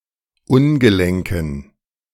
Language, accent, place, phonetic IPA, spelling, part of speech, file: German, Germany, Berlin, [ˈʊnɡəˌlɛŋkn̩], ungelenken, adjective, De-ungelenken.ogg
- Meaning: inflection of ungelenk: 1. strong genitive masculine/neuter singular 2. weak/mixed genitive/dative all-gender singular 3. strong/weak/mixed accusative masculine singular 4. strong dative plural